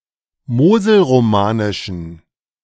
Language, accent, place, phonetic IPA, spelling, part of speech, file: German, Germany, Berlin, [ˈmoːzl̩ʁoˌmaːnɪʃn̩], moselromanischen, adjective, De-moselromanischen.ogg
- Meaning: inflection of moselromanisch: 1. strong genitive masculine/neuter singular 2. weak/mixed genitive/dative all-gender singular 3. strong/weak/mixed accusative masculine singular 4. strong dative plural